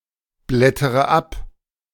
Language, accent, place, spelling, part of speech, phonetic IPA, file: German, Germany, Berlin, blättere ab, verb, [ˌblɛtəʁə ˈap], De-blättere ab.ogg
- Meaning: inflection of abblättern: 1. first-person singular present 2. first/third-person singular subjunctive I 3. singular imperative